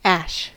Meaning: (noun) 1. The solid remains of a fire 2. The nonaqueous remains of a material subjected to any complete oxidation process 3. Fine particles from a volcano, volcanic ash
- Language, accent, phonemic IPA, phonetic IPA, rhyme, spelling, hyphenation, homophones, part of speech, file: English, US, /ˈæʃ/, [ˈæʃ], -æʃ, ash, ash, Ash, noun / verb / adverb, En-us-ash.ogg